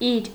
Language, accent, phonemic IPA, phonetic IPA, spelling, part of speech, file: Armenian, Eastern Armenian, /iɾ/, [iɾ], իր, noun / pronoun, Hy-իր.ogg
- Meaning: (noun) 1. thing 2. things, belongings, goods, stuff; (pronoun) genitive singular of ինքը (inkʻə): his, her, its